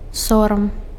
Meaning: 1. shame 2. disgrace
- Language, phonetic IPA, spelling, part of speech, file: Belarusian, [ˈsoram], сорам, noun, Be-сорам.ogg